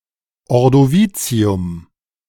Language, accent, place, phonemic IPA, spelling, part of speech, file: German, Germany, Berlin, /ɔʁdoˈviːtsi̯ʊm/, Ordovizium, proper noun, De-Ordovizium.ogg
- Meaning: the Ordovician